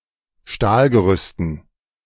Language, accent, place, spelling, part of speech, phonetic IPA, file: German, Germany, Berlin, Stahlgerüsten, noun, [ˈʃtaːlɡəˌʁʏstn̩], De-Stahlgerüsten.ogg
- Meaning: dative plural of Stahlgerüst